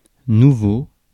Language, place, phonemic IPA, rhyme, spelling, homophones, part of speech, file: French, Paris, /nu.vo/, -o, nouveau, nouveaux, adjective / noun, Fr-nouveau.ogg
- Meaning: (adjective) new, novel; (noun) new person, new thing